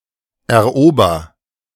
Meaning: inflection of erobern: 1. first-person singular present 2. singular imperative
- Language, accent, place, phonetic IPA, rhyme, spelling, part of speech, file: German, Germany, Berlin, [ɛɐ̯ˈʔoːbɐ], -oːbɐ, erober, verb, De-erober.ogg